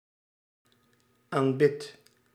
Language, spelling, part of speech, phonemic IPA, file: Dutch, aanbidt, verb, /amˈbɪt/, Nl-aanbidt.ogg
- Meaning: inflection of aanbidden: 1. second/third-person singular present indicative 2. plural imperative